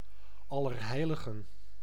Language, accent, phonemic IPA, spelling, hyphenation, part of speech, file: Dutch, Netherlands, /ˌɑ.lərˈɦɛi̯.lə.ɣə(n)/, Allerheiligen, Al‧ler‧hei‧li‧gen, proper noun, Nl-Allerheiligen.ogg
- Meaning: All Saints Day, All Hallows, Hallowmas (November, 1st)